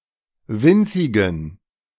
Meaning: inflection of winzig: 1. strong genitive masculine/neuter singular 2. weak/mixed genitive/dative all-gender singular 3. strong/weak/mixed accusative masculine singular 4. strong dative plural
- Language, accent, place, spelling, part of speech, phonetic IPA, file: German, Germany, Berlin, winzigen, adjective, [ˈvɪnt͡sɪɡn̩], De-winzigen.ogg